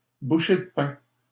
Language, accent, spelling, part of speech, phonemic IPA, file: French, Canada, bouchée de pain, noun, /bu.ʃe d(ə) pɛ̃/, LL-Q150 (fra)-bouchée de pain.wav
- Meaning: very low price